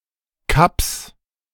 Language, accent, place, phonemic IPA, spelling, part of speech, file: German, Germany, Berlin, /ˈkaps/, Kaps, noun, De-Kaps.ogg
- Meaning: 1. plural of Kap 2. alternative form of Kappes (“cabbage”)